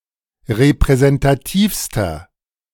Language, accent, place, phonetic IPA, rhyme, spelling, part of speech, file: German, Germany, Berlin, [ʁepʁɛzɛntaˈtiːfstɐ], -iːfstɐ, repräsentativster, adjective, De-repräsentativster.ogg
- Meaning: inflection of repräsentativ: 1. strong/mixed nominative masculine singular superlative degree 2. strong genitive/dative feminine singular superlative degree